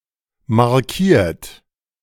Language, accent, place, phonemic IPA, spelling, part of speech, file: German, Germany, Berlin, /maʁˈkiːɐ̯t/, markiert, verb, De-markiert.ogg
- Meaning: 1. past participle of markieren 2. inflection of markieren: third-person singular present 3. inflection of markieren: second-person plural present 4. inflection of markieren: plural imperative